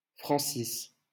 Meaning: a male given name, variant of François
- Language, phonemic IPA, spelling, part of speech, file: French, /fʁɑ̃.sis/, Francis, proper noun, LL-Q150 (fra)-Francis.wav